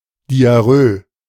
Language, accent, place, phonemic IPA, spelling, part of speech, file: German, Germany, Berlin, /diaˈʁøː/, Diarrhoe, noun, De-Diarrhoe.ogg
- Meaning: diarrhea